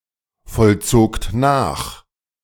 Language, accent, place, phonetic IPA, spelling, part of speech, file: German, Germany, Berlin, [fɔlˌt͡soːkt ˈnaːx], vollzogt nach, verb, De-vollzogt nach.ogg
- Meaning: second-person plural preterite of nachvollziehen